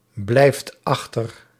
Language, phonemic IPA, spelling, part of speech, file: Dutch, /ˈblɛift ˈɑxtər/, blijft achter, verb, Nl-blijft achter.ogg
- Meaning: inflection of achterblijven: 1. second/third-person singular present indicative 2. plural imperative